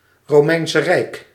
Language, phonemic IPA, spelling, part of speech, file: Dutch, /roˈmɛɪnsə rɛɪk/, Romeinse Rijk, proper noun, Nl-Romeinse Rijk.ogg
- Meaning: Roman Empire (an ancient empire based out of the city of Rome, covering vast territories in Europe, Asia and Africa)